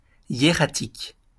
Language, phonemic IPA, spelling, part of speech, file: French, /je.ʁa.tik/, hiératique, adjective, LL-Q150 (fra)-hiératique.wav
- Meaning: 1. hieratic 2. solemn, ritual